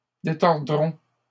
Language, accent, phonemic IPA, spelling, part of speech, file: French, Canada, /de.tɔʁ.dʁɔ̃/, détordrons, verb, LL-Q150 (fra)-détordrons.wav
- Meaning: first-person plural simple future of détordre